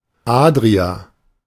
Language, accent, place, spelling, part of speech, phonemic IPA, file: German, Germany, Berlin, Adria, proper noun, /ˈaːdʁia/, De-Adria.ogg
- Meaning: Adriatic Sea (a sea and arm of the Mediterranean Sea, stretching north from the Ionian Sea to Venice, separating the Italian and Balkan Peninsulas)